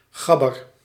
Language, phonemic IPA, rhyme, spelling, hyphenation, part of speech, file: Dutch, /ˈxɑ.bər/, -ɑbər, gabber, gab‧ber, noun, Nl-gabber.ogg
- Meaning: 1. a guy 2. a friend; a pal 3. gabber (hardcore subgenre) 4. a fan of gabber music, a gabber